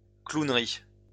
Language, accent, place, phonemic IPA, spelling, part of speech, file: French, France, Lyon, /klun.ʁi/, clownerie, noun, LL-Q150 (fra)-clownerie.wav
- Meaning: clowning